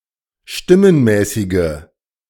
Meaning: inflection of stimmenmäßig: 1. strong/mixed nominative/accusative feminine singular 2. strong nominative/accusative plural 3. weak nominative all-gender singular
- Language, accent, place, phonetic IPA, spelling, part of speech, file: German, Germany, Berlin, [ˈʃtɪmənˌmɛːsɪɡə], stimmenmäßige, adjective, De-stimmenmäßige.ogg